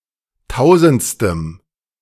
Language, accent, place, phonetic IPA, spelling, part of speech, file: German, Germany, Berlin, [ˈtaʊ̯zn̩t͡stəm], tausendstem, adjective, De-tausendstem.ogg
- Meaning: strong dative masculine/neuter singular of tausendste